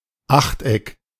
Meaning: octagon
- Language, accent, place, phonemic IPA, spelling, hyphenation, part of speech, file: German, Germany, Berlin, /ˈaxtˌɛk/, Achteck, Acht‧eck, noun, De-Achteck.ogg